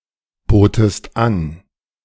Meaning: second-person singular preterite of anbieten
- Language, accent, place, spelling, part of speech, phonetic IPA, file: German, Germany, Berlin, botest an, verb, [ˌboːtest ˈan], De-botest an.ogg